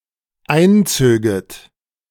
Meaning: second-person plural dependent subjunctive II of einziehen
- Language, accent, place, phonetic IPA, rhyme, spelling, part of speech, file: German, Germany, Berlin, [ˈaɪ̯nˌt͡søːɡət], -aɪ̯nt͡søːɡət, einzöget, verb, De-einzöget.ogg